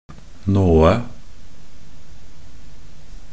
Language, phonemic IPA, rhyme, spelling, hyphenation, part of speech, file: Norwegian Bokmål, /ˈnoːə/, -oːə, nåe, nå‧e, noun, Nb-nåe.ogg
- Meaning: a corpse (a dead human body)